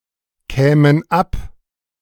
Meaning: first/third-person plural subjunctive II of abkommen
- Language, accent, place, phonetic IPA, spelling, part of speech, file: German, Germany, Berlin, [ˌkɛːmən ˈap], kämen ab, verb, De-kämen ab.ogg